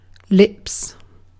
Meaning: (noun) plural of lip; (verb) 1. third-person singular simple present indicative of lip 2. To kiss (passionately), to smooch
- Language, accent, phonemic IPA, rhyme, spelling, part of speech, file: English, UK, /lɪps/, -ɪps, lips, noun / verb, En-uk-lips.ogg